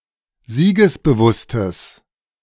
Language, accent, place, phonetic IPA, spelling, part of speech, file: German, Germany, Berlin, [ˈziːɡəsbəˌvʊstəs], siegesbewusstes, adjective, De-siegesbewusstes.ogg
- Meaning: strong/mixed nominative/accusative neuter singular of siegesbewusst